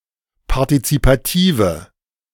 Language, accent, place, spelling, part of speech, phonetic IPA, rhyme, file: German, Germany, Berlin, partizipative, adjective, [paʁtit͡sipaˈtiːvə], -iːvə, De-partizipative.ogg
- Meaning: inflection of partizipativ: 1. strong/mixed nominative/accusative feminine singular 2. strong nominative/accusative plural 3. weak nominative all-gender singular